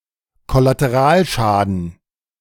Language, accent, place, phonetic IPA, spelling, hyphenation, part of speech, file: German, Germany, Berlin, [ˌkɔlateˈʁaːlˌʃaːdn̩], Kollateralschaden, Kol‧la‧te‧ral‧scha‧den, noun, De-Kollateralschaden.ogg
- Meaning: collateral damage